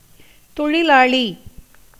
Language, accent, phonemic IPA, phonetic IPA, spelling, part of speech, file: Tamil, India, /t̪oɻɪlɑːɭiː/, [t̪o̞ɻɪläːɭiː], தொழிலாளி, noun, Ta-தொழிலாளி.ogg
- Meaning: worker, laborer